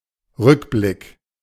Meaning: 1. review, retrospective 2. retrospect, flashback
- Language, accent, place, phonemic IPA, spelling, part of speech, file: German, Germany, Berlin, /ˈʁʏkˌblɪk/, Rückblick, noun, De-Rückblick.ogg